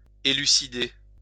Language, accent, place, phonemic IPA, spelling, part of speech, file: French, France, Lyon, /e.ly.si.de/, élucider, verb, LL-Q150 (fra)-élucider.wav
- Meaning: 1. clarify, elucidate 2. solve, resolve